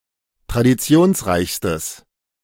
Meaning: strong/mixed nominative/accusative neuter singular superlative degree of traditionsreich
- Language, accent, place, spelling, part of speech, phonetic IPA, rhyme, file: German, Germany, Berlin, traditionsreichstes, adjective, [tʁadiˈt͡si̯oːnsˌʁaɪ̯çstəs], -oːnsʁaɪ̯çstəs, De-traditionsreichstes.ogg